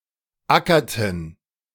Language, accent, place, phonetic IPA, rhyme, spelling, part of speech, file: German, Germany, Berlin, [ˈakɐtn̩], -akɐtn̩, ackerten, verb, De-ackerten.ogg
- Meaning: inflection of ackern: 1. first/third-person plural preterite 2. first/third-person plural subjunctive II